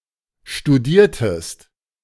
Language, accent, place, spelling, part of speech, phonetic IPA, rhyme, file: German, Germany, Berlin, studiertest, verb, [ʃtuˈdiːɐ̯təst], -iːɐ̯təst, De-studiertest.ogg
- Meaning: inflection of studieren: 1. second-person singular preterite 2. second-person singular subjunctive II